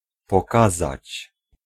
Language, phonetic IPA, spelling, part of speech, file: Polish, [pɔˈkazat͡ɕ], pokazać, verb, Pl-pokazać.ogg